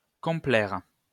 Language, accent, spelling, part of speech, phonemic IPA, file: French, France, complaire, verb, /kɔ̃.plɛʁ/, LL-Q150 (fra)-complaire.wav
- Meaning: 1. to get stuck in, to get caught in 2. to take pleasure in, to bask in 3. to wallow, to revel in